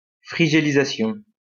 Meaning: winterization
- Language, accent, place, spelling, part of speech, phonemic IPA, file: French, France, Lyon, frigélisation, noun, /fʁi.ʒe.li.za.sjɔ̃/, LL-Q150 (fra)-frigélisation.wav